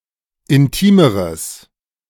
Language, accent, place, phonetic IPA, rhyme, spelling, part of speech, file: German, Germany, Berlin, [ɪnˈtiːməʁəs], -iːməʁəs, intimeres, adjective, De-intimeres.ogg
- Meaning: strong/mixed nominative/accusative neuter singular comparative degree of intim